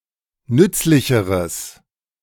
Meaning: strong/mixed nominative/accusative neuter singular comparative degree of nützlich
- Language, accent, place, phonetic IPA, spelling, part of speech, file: German, Germany, Berlin, [ˈnʏt͡slɪçəʁəs], nützlicheres, adjective, De-nützlicheres.ogg